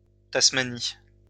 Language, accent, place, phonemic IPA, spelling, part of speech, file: French, France, Lyon, /tas.ma.ni/, Tasmanie, proper noun, LL-Q150 (fra)-Tasmanie.wav
- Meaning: Tasmania (an island group and state of Australia; a former British colony, from 1856 to 1901)